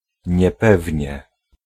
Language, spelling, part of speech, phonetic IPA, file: Polish, niepewnie, adverb, [ɲɛˈpɛvʲɲɛ], Pl-niepewnie.ogg